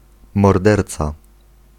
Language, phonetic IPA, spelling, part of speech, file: Polish, [mɔrˈdɛrt͡sa], morderca, noun, Pl-morderca.ogg